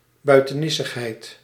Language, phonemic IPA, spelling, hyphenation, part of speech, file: Dutch, /bœy̯.təˈnɪ.səxˌɦɛi̯t/, buitenissigheid, bui‧te‧nis‧sig‧heid, noun, Nl-buitenissigheid.ogg
- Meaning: 1. weirdness, oddity, excentricity 2. something odd; an excentricity, an oddity